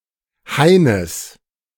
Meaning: genitive singular of Hain
- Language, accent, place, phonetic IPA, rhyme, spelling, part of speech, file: German, Germany, Berlin, [ˈhaɪ̯nəs], -aɪ̯nəs, Haines, noun, De-Haines.ogg